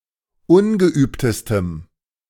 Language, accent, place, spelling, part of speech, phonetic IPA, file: German, Germany, Berlin, ungeübtestem, adjective, [ˈʊnɡəˌʔyːptəstəm], De-ungeübtestem.ogg
- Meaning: strong dative masculine/neuter singular superlative degree of ungeübt